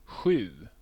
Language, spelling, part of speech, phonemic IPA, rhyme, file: Swedish, sju, numeral, /ɧʉː/, -ʉː, Sv-sju.ogg
- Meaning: seven